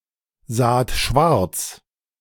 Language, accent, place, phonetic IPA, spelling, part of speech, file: German, Germany, Berlin, [ˌzaːt ˈʃvaʁt͡s], saht schwarz, verb, De-saht schwarz.ogg
- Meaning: second-person plural preterite of schwarzsehen